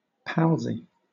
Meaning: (adjective) Chummy, friendly; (noun) Mate, chum
- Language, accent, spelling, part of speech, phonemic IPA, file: English, Southern England, palsy, adjective / noun, /ˈpælzi/, LL-Q1860 (eng)-palsy.wav